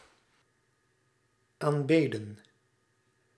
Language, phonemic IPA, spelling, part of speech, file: Dutch, /amˈbedə(n)/, aanbeden, verb, Nl-aanbeden.ogg
- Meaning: past participle of aanbidden